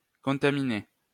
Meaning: past participle of contaminer
- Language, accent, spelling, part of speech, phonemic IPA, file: French, France, contaminé, verb, /kɔ̃.ta.mi.ne/, LL-Q150 (fra)-contaminé.wav